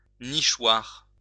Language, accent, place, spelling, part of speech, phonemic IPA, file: French, France, Lyon, nichoir, noun, /ni.ʃwaʁ/, LL-Q150 (fra)-nichoir.wav
- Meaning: birdhouse, nest box